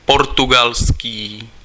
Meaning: Portuguese
- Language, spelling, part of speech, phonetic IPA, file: Czech, portugalský, adjective, [ˈportuɡalskiː], Cs-portugalský.ogg